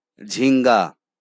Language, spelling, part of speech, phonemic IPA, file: Bengali, ঝিঙ্গা, noun, /d͡ʒʱiŋɡa/, LL-Q9610 (ben)-ঝিঙ্গা.wav
- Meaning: alternative form of ঝিঙা (jhiṅa)